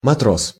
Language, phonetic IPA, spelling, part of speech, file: Russian, [mɐˈtros], матрос, noun, Ru-матрос.ogg
- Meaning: sailor, seaman (a common member of the crew of a vessel; an enlisted man in the Navy)